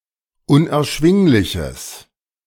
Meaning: strong/mixed nominative/accusative neuter singular of unerschwinglich
- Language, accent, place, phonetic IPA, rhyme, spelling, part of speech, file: German, Germany, Berlin, [ʊnʔɛɐ̯ˈʃvɪŋlɪçəs], -ɪŋlɪçəs, unerschwingliches, adjective, De-unerschwingliches.ogg